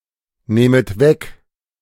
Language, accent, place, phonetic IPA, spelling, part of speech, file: German, Germany, Berlin, [ˌneːmət ˈvɛk], nehmet weg, verb, De-nehmet weg.ogg
- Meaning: second-person plural subjunctive I of wegnehmen